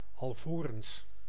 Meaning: before
- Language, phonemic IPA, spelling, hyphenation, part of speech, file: Dutch, /ˌɑlˈvoː.rəns/, alvorens, al‧vo‧rens, conjunction, Nl-alvorens.ogg